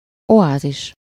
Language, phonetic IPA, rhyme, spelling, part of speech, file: Hungarian, [ˈoaːziʃ], -iʃ, oázis, noun, Hu-oázis.ogg
- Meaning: oasis